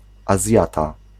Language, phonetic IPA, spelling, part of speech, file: Polish, [aˈzʲjata], Azjata, noun, Pl-Azjata.ogg